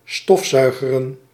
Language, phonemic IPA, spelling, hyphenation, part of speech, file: Dutch, /ˈstɔfˌzœy̯.ɣə.rə(n)/, stofzuigeren, stof‧zui‧ge‧ren, verb, Nl-stofzuigeren.ogg
- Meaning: to vacuum-clean